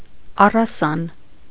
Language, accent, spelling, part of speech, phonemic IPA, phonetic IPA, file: Armenian, Eastern Armenian, առասան, noun, /ɑrɑˈsɑn/, [ɑrɑsɑ́n], Hy-առասան.ogg
- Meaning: string, twine, cord, packthread